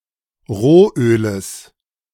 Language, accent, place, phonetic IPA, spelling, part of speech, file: German, Germany, Berlin, [ˈʁoːˌʔøːləs], Rohöles, noun, De-Rohöles.ogg
- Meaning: genitive singular of Rohöl